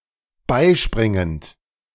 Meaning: present participle of beispringen
- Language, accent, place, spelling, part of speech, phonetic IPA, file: German, Germany, Berlin, beispringend, verb, [ˈbaɪ̯ˌʃpʁɪŋənt], De-beispringend.ogg